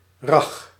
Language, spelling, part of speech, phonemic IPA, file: Dutch, rag, noun, /rɑx/, Nl-rag.ogg
- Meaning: spider silk